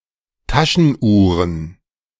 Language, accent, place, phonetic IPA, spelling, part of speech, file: German, Germany, Berlin, [ˈtaʃənˌʔuːʁən], Taschenuhren, noun, De-Taschenuhren.ogg
- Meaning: plural of Taschenuhr